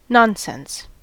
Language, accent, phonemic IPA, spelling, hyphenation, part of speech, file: English, US, /ˈnɑn.sɛns/, nonsense, non‧sense, noun / verb / adjective / interjection, En-us-nonsense.ogg
- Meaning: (noun) 1. Letters or words, in writing or speech, that have no meaning or pattern or seem to have no meaning 2. An untrue statement